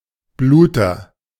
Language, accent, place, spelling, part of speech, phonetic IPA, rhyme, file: German, Germany, Berlin, Bluter, noun, [ˈbluːtɐ], -uːtɐ, De-Bluter.ogg
- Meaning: 1. agent noun of bluten 2. haemophiliac, bleeder (patient suffering from haemophilia)